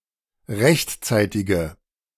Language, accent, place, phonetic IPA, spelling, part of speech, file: German, Germany, Berlin, [ˈʁɛçtˌt͡saɪ̯tɪɡə], rechtzeitige, adjective, De-rechtzeitige.ogg
- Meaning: inflection of rechtzeitig: 1. strong/mixed nominative/accusative feminine singular 2. strong nominative/accusative plural 3. weak nominative all-gender singular